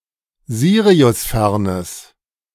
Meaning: strong/mixed nominative/accusative neuter singular of siriusfern
- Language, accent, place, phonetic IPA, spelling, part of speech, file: German, Germany, Berlin, [ˈziːʁiʊsˌfɛʁnəs], siriusfernes, adjective, De-siriusfernes.ogg